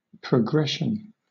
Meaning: 1. The act of moving from one thing to another 2. The act of moving forward or proceeding in a course; motion onward 3. A sequence obtained by adding or multiplying each term by a constant
- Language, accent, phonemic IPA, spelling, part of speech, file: English, Southern England, /pɹəˈɡɹɛʃn̩/, progression, noun, LL-Q1860 (eng)-progression.wav